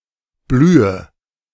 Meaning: inflection of blühen: 1. first-person singular present 2. first/third-person singular subjunctive I 3. singular imperative
- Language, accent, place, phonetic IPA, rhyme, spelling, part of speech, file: German, Germany, Berlin, [ˈblyːə], -yːə, blühe, verb, De-blühe.ogg